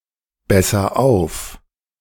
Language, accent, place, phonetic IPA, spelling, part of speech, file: German, Germany, Berlin, [ˌbɛsɐ ˈaʊ̯f], besser auf, verb, De-besser auf.ogg
- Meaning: inflection of aufbessern: 1. first-person singular present 2. singular imperative